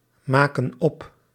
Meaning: inflection of opmaken: 1. plural present indicative 2. plural present subjunctive
- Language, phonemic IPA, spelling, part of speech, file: Dutch, /ˈmakə(n) ˈɔp/, maken op, verb, Nl-maken op.ogg